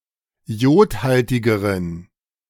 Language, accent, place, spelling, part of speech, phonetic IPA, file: German, Germany, Berlin, iodhaltigeren, adjective, [ˈi̯oːtˌhaltɪɡəʁən], De-iodhaltigeren.ogg
- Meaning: inflection of iodhaltig: 1. strong genitive masculine/neuter singular comparative degree 2. weak/mixed genitive/dative all-gender singular comparative degree